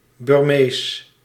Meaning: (noun) 1. a Burman, a person from Burma (Myanmar) 2. an ethnic Burman, a person from the Burmese ethnicity; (proper noun) Burmese, the Burmese language spoken in Myanmar
- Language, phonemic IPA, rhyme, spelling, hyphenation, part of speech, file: Dutch, /bɪrˈmeːs/, -eːs, Birmees, Bir‧mees, noun / proper noun / adjective, Nl-Birmees.ogg